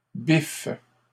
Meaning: inflection of biffer: 1. first/third-person singular present indicative/subjunctive 2. second-person singular imperative
- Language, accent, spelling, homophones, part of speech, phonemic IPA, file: French, Canada, biffe, biffent / biffes / bif / biff, noun / verb, /bif/, LL-Q150 (fra)-biffe.wav